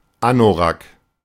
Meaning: parka, anorak
- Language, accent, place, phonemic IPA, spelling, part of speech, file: German, Germany, Berlin, /ˈanoʁak/, Anorak, noun, De-Anorak.ogg